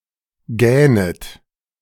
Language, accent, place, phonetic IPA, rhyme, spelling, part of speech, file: German, Germany, Berlin, [ˈɡɛːnət], -ɛːnət, gähnet, verb, De-gähnet.ogg
- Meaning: second-person plural subjunctive I of gähnen